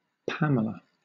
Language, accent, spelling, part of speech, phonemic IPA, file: English, Southern England, Pamela, proper noun, /ˈpæmələ/, LL-Q1860 (eng)-Pamela.wav
- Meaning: A female given name originating as a coinage